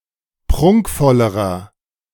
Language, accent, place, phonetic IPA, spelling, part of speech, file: German, Germany, Berlin, [ˈpʁʊŋkfɔləʁɐ], prunkvollerer, adjective, De-prunkvollerer.ogg
- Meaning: inflection of prunkvoll: 1. strong/mixed nominative masculine singular comparative degree 2. strong genitive/dative feminine singular comparative degree 3. strong genitive plural comparative degree